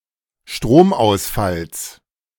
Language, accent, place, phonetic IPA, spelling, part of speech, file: German, Germany, Berlin, [ˈʃtʁoːmʔaʊ̯sˌfals], Stromausfalls, noun, De-Stromausfalls.ogg
- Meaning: genitive singular of Stromausfall